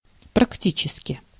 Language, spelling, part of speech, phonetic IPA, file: Russian, практически, adverb, [prɐkˈtʲit͡ɕɪskʲɪ], Ru-практически.ogg
- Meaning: 1. practically, in a practical manner 2. practically, virtually